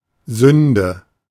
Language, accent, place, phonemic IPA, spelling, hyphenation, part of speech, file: German, Germany, Berlin, /ˈzʏndə/, Sünde, Sün‧de, noun, De-Sünde.ogg
- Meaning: sin